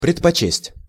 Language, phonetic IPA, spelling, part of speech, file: Russian, [prʲɪtpɐˈt͡ɕesʲtʲ], предпочесть, verb, Ru-предпочесть.ogg
- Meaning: to prefer